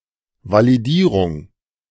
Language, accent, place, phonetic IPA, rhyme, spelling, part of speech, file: German, Germany, Berlin, [ˌvaliˈdiːʁʊŋ], -iːʁʊŋ, Validierung, noun, De-Validierung.ogg
- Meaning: validation